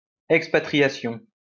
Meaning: expatriation
- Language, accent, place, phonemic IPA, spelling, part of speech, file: French, France, Lyon, /ɛk.spa.tʁi.ja.sjɔ̃/, expatriation, noun, LL-Q150 (fra)-expatriation.wav